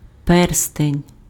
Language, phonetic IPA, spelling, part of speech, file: Ukrainian, [ˈpɛrstenʲ], перстень, noun, Uk-перстень.ogg
- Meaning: 1. ring 2. seal ring, signet ring